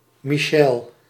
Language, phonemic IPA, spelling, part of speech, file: Dutch, /miˈʃɛl/, Michel, proper noun, Nl-Michel.ogg
- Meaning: a male given name from French, variant of Michaël, equivalent to English Michael